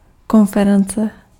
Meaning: conference
- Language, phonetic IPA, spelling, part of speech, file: Czech, [ˈkonfɛrɛnt͡sɛ], konference, noun, Cs-konference.ogg